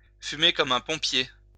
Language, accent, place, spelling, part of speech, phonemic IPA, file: French, France, Lyon, fumer comme un pompier, verb, /fy.me kɔ.m‿œ̃ pɔ̃.pje/, LL-Q150 (fra)-fumer comme un pompier.wav
- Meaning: Be a heavy smoker; smoke like a chimney